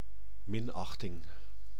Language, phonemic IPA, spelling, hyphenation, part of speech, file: Dutch, /ˈmɪnɑxtɪŋ/, minachting, min‧ach‧ting, noun, Nl-minachting.ogg
- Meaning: contempt, scorn